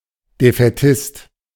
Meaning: defeatist
- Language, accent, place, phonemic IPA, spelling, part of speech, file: German, Germany, Berlin, /defɛˈtɪst/, Defätist, noun, De-Defätist.ogg